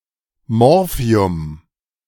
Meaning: morphine
- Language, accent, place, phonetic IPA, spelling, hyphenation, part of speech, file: German, Germany, Berlin, [ˈmɔʁfi̯ʊm], Morphium, Mor‧phi‧um, noun, De-Morphium.ogg